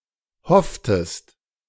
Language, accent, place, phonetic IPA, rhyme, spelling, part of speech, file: German, Germany, Berlin, [ˈhɔftəst], -ɔftəst, hofftest, verb, De-hofftest.ogg
- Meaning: inflection of hoffen: 1. second-person singular preterite 2. second-person singular subjunctive II